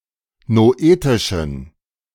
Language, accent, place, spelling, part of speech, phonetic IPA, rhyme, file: German, Germany, Berlin, noetischen, adjective, [noˈʔeːtɪʃn̩], -eːtɪʃn̩, De-noetischen.ogg
- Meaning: inflection of noetisch: 1. strong genitive masculine/neuter singular 2. weak/mixed genitive/dative all-gender singular 3. strong/weak/mixed accusative masculine singular 4. strong dative plural